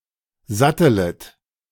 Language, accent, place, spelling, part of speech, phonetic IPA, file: German, Germany, Berlin, sattelet, verb, [ˈzatələt], De-sattelet.ogg
- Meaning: second-person plural subjunctive I of satteln